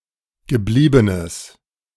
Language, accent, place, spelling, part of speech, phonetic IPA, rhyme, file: German, Germany, Berlin, gebliebenes, adjective, [ɡəˈbliːbənəs], -iːbənəs, De-gebliebenes.ogg
- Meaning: strong/mixed nominative/accusative neuter singular of geblieben